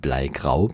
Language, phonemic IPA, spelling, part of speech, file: German, /ˈblaɪ̯ˌɡʁaʊ̯/, bleigrau, adjective, De-bleigrau.ogg
- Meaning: leaden (in colour)